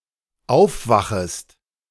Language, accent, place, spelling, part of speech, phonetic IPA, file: German, Germany, Berlin, aufwachest, verb, [ˈaʊ̯fˌvaxəst], De-aufwachest.ogg
- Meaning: second-person singular dependent subjunctive I of aufwachen